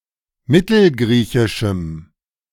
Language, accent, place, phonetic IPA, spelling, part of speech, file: German, Germany, Berlin, [ˈmɪtl̩ˌɡʁiːçɪʃm̩], mittelgriechischem, adjective, De-mittelgriechischem.ogg
- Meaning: strong dative masculine/neuter singular of mittelgriechisch